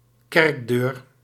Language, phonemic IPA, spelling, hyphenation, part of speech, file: Dutch, /ˈkɛrk.døːr/, kerkdeur, kerk‧deur, noun, Nl-kerkdeur.ogg
- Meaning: church door